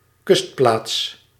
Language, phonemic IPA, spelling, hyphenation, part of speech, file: Dutch, /ˈkʏst.plaːts/, kustplaats, kust‧plaats, noun, Nl-kustplaats.ogg
- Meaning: a coastal settlement